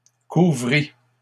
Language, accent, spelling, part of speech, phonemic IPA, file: French, Canada, couvrit, verb, /ku.vʁi/, LL-Q150 (fra)-couvrit.wav
- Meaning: third-person singular past historic of couvrir